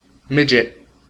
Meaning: 1. A very small thing; especially one which is conspicuously smaller than expected or by comparison 2. Alternative form of midge (“small fly”) 3. A short person
- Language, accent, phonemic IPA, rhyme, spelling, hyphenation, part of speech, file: English, US, /ˈmɪd͡ʒɪt/, -ɪdʒɪt, midget, midg‧et, noun, En-us-midget.ogg